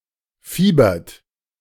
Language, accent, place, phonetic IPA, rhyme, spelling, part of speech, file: German, Germany, Berlin, [ˈfiːbɐt], -iːbɐt, fiebert, verb, De-fiebert.ogg
- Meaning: inflection of fiebern: 1. third-person singular present 2. second-person plural present 3. plural imperative